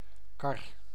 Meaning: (noun) 1. a cart, vehicle on wheels without motor 2. any wheeled vehicle, in particular a car or truck; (verb) verb form of karren
- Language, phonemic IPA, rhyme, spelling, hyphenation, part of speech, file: Dutch, /kɑr/, -ɑr, kar, kar, noun / verb, Nl-kar.ogg